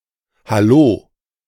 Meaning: hullabaloo, cheering (often welcoming or celebratory)
- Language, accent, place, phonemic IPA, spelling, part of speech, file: German, Germany, Berlin, /haˈloː/, Hallo, noun, De-Hallo.ogg